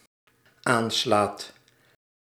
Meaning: second/third-person singular dependent-clause present indicative of aanslaan
- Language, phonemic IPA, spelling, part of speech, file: Dutch, /ˈanslat/, aanslaat, verb, Nl-aanslaat.ogg